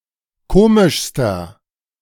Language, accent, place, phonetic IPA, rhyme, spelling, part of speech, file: German, Germany, Berlin, [ˈkoːmɪʃstɐ], -oːmɪʃstɐ, komischster, adjective, De-komischster.ogg
- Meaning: inflection of komisch: 1. strong/mixed nominative masculine singular superlative degree 2. strong genitive/dative feminine singular superlative degree 3. strong genitive plural superlative degree